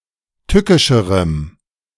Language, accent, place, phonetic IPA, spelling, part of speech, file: German, Germany, Berlin, [ˈtʏkɪʃəʁəm], tückischerem, adjective, De-tückischerem.ogg
- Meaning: strong dative masculine/neuter singular comparative degree of tückisch